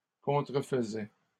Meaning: third-person singular imperfect indicative of contrefaire
- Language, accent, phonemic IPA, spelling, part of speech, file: French, Canada, /kɔ̃.tʁə.f(ə).zɛ/, contrefaisait, verb, LL-Q150 (fra)-contrefaisait.wav